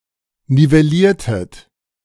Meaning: inflection of nivellieren: 1. second-person plural preterite 2. second-person plural subjunctive II
- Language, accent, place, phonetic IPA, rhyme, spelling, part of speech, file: German, Germany, Berlin, [nivɛˈliːɐ̯tət], -iːɐ̯tət, nivelliertet, verb, De-nivelliertet.ogg